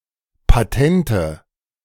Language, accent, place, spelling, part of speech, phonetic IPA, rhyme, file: German, Germany, Berlin, patente, adjective, [paˈtɛntə], -ɛntə, De-patente.ogg
- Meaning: inflection of patent: 1. strong/mixed nominative/accusative feminine singular 2. strong nominative/accusative plural 3. weak nominative all-gender singular 4. weak accusative feminine/neuter singular